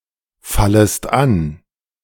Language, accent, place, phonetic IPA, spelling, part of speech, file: German, Germany, Berlin, [ˌfaləst ˈan], fallest an, verb, De-fallest an.ogg
- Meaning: second-person singular subjunctive I of anfallen